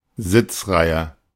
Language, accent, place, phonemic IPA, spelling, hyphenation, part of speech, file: German, Germany, Berlin, /ˈzɪt͡sˌʁaɪ̯ə/, Sitzreihe, Sitz‧rei‧he, noun, De-Sitzreihe.ogg
- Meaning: 1. generally: row of seats 2. in a theatre: tier